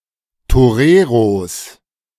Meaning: plural of Torero
- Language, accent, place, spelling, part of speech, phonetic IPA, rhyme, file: German, Germany, Berlin, Toreros, noun, [toˈʁeːʁos], -eːʁos, De-Toreros.ogg